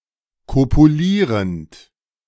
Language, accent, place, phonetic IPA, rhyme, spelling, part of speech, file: German, Germany, Berlin, [ˌkopuˈliːʁənt], -iːʁənt, kopulierend, verb, De-kopulierend.ogg
- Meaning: present participle of kopulieren